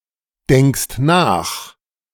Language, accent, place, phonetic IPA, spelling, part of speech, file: German, Germany, Berlin, [ˌdɛŋkst ˈnaːx], denkst nach, verb, De-denkst nach.ogg
- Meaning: second-person singular present of nachdenken